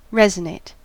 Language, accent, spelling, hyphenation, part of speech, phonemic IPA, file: English, US, resonate, res‧o‧nate, verb, /ˈɹɛz.əˌneɪt/, En-us-resonate.ogg
- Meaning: 1. To vibrate or sound, especially in response to another vibration 2. To have an effect or impact; to influence; to engender support